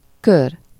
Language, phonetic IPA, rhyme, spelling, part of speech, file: Hungarian, [ˈkør], -ør, kör, noun, Hu-kör.ogg
- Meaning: 1. circle 2. circle, ring, company 3. round, lap 4. a serving of something; a portion of something to each person in a group 5. sphere, range, scope, field, area